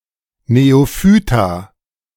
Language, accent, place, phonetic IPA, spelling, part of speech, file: German, Germany, Berlin, [neoˈfyːta], Neophyta, noun, De-Neophyta.ogg
- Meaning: plural of Neophyt